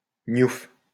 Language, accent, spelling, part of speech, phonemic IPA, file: French, France, gnouf, noun, /ɲuf/, LL-Q150 (fra)-gnouf.wav
- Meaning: prison, jankers